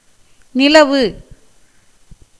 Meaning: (verb) 1. to exist, to be in use, in vogue or in circulation, as a word; to be extant, in force or practice, as a religion 2. to be permanent, fixed, prevail 3. to stay 4. to emit rays; to shine
- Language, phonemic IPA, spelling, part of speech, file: Tamil, /nɪlɐʋɯ/, நிலவு, verb / noun, Ta-நிலவு.ogg